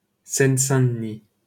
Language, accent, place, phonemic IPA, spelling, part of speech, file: French, France, Paris, /sɛn.sɛ̃.d(ə).ni/, Seine-Saint-Denis, proper noun, LL-Q150 (fra)-Seine-Saint-Denis.wav
- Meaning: Seine-Saint-Denis (a department of Île-de-France, France)